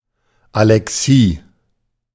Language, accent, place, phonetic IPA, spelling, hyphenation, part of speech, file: German, Germany, Berlin, [alɛˈksiː], Alexie, Ale‧xie, noun, De-Alexie.ogg
- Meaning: alexia